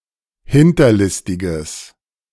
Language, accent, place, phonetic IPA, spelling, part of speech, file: German, Germany, Berlin, [ˈhɪntɐˌlɪstɪɡəs], hinterlistiges, adjective, De-hinterlistiges.ogg
- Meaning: strong/mixed nominative/accusative neuter singular of hinterlistig